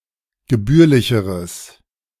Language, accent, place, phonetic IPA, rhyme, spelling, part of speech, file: German, Germany, Berlin, [ɡəˈbyːɐ̯lɪçəʁəs], -yːɐ̯lɪçəʁəs, gebührlicheres, adjective, De-gebührlicheres.ogg
- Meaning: strong/mixed nominative/accusative neuter singular comparative degree of gebührlich